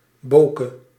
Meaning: diminutive of bo
- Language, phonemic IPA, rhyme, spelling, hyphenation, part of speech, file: Dutch, /ˈboːkə/, -oːkə, boke, bo‧ke, noun, Nl-boke.ogg